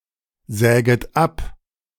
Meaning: second-person plural subjunctive I of absägen
- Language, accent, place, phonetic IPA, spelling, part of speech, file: German, Germany, Berlin, [ˌzɛːɡət ˈap], säget ab, verb, De-säget ab.ogg